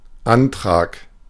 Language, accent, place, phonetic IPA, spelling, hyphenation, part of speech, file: German, Germany, Berlin, [ˈʔantʁaːk], Antrag, An‧trag, noun, De-Antrag.ogg
- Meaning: 1. application, request 2. motion, proposition, petition 3. proposal of marriage